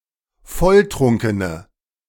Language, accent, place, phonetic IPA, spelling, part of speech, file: German, Germany, Berlin, [ˈfɔlˌtʁʊŋkənə], volltrunkene, adjective, De-volltrunkene.ogg
- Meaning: inflection of volltrunken: 1. strong/mixed nominative/accusative feminine singular 2. strong nominative/accusative plural 3. weak nominative all-gender singular